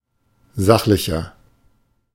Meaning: inflection of sachlich: 1. strong/mixed nominative masculine singular 2. strong genitive/dative feminine singular 3. strong genitive plural
- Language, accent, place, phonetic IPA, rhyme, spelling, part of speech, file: German, Germany, Berlin, [ˈzaxlɪçɐ], -axlɪçɐ, sachlicher, adjective, De-sachlicher.ogg